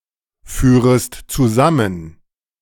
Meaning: second-person singular subjunctive I of zusammenführen
- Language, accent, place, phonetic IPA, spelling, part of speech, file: German, Germany, Berlin, [ˌfyːʁəst t͡suˈzamən], führest zusammen, verb, De-führest zusammen.ogg